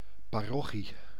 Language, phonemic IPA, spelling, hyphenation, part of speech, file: Dutch, /ˌpaːˈrɔ.xi/, parochie, pa‧ro‧chie, noun, Nl-parochie.ogg
- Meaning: a parish